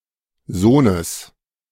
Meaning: genitive singular of Sohn
- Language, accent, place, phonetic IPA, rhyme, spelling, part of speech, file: German, Germany, Berlin, [ˈzoːnəs], -oːnəs, Sohnes, noun, De-Sohnes.ogg